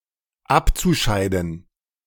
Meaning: zu-infinitive of abscheiden
- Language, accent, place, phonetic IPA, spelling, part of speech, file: German, Germany, Berlin, [ˈapt͡suˌʃaɪ̯dn̩], abzuscheiden, verb, De-abzuscheiden.ogg